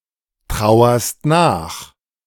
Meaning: second-person singular present of nachtrauern
- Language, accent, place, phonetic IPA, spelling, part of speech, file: German, Germany, Berlin, [ˌtʁaʊ̯ɐst ˈnaːx], trauerst nach, verb, De-trauerst nach.ogg